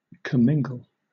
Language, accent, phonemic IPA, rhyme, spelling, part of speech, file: English, Southern England, /kəˈmɪŋ.ɡəl/, -ɪŋɡəl, commingle, verb, LL-Q1860 (eng)-commingle.wav
- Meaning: 1. To mix, to blend 2. To become mixed or blended